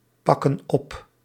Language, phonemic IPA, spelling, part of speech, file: Dutch, /ˈpɑkə(n) ˈɔp/, pakken op, verb, Nl-pakken op.ogg
- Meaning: inflection of oppakken: 1. plural present indicative 2. plural present subjunctive